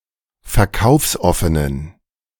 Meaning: inflection of verkaufsoffen: 1. strong genitive masculine/neuter singular 2. weak/mixed genitive/dative all-gender singular 3. strong/weak/mixed accusative masculine singular 4. strong dative plural
- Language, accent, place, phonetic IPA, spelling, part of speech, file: German, Germany, Berlin, [fɛɐ̯ˈkaʊ̯fsˌʔɔfənən], verkaufsoffenen, adjective, De-verkaufsoffenen.ogg